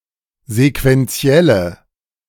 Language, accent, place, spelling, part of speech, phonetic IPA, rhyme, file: German, Germany, Berlin, sequenzielle, adjective, [zekvɛnˈt͡si̯ɛlə], -ɛlə, De-sequenzielle.ogg
- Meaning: inflection of sequenziell: 1. strong/mixed nominative/accusative feminine singular 2. strong nominative/accusative plural 3. weak nominative all-gender singular